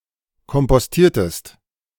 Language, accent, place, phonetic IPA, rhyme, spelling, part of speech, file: German, Germany, Berlin, [kɔmpɔsˈtiːɐ̯təst], -iːɐ̯təst, kompostiertest, verb, De-kompostiertest.ogg
- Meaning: inflection of kompostieren: 1. second-person singular preterite 2. second-person singular subjunctive II